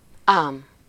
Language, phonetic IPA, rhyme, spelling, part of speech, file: Hungarian, [ˈaːm], -aːm, ám, adverb / conjunction, Hu-ám.ogg
- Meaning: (adverb) truly, so; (conjunction) but (indicates contradiction or restriction, like bár)